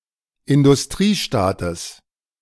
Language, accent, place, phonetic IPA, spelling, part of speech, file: German, Germany, Berlin, [ɪndʊsˈtʁiːˌʃtaːtəs], Industriestaates, noun, De-Industriestaates.ogg
- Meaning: genitive singular of Industriestaat